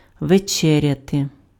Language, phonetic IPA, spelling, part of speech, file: Ukrainian, [ʋeˈt͡ʃɛrʲɐte], вечеряти, verb, Uk-вечеряти.ogg
- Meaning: to have dinner, to have supper